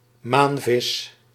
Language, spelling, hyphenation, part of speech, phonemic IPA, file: Dutch, maanvis, maan‧vis, noun, /ˈmaːn.vɪs/, Nl-maanvis.ogg
- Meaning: 1. An ocean sunfish, mola; a fish of the family Molidae 2. common mola (Mola mola) 3. angelfish (Pterophyllum scalare)